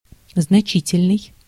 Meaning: 1. considerable, sizeable, strong, substantial, large 2. consequential, important, major, significant 3. meaningful, suggestive
- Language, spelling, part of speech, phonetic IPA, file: Russian, значительный, adjective, [znɐˈt͡ɕitʲɪlʲnɨj], Ru-значительный.ogg